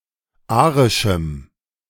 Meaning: strong dative masculine/neuter singular of arisch
- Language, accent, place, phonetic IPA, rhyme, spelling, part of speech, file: German, Germany, Berlin, [ˈaːʁɪʃm̩], -aːʁɪʃm̩, arischem, adjective, De-arischem.ogg